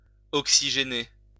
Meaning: to oxygenate
- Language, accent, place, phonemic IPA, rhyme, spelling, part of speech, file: French, France, Lyon, /ɔk.si.ʒe.ne/, -e, oxygéner, verb, LL-Q150 (fra)-oxygéner.wav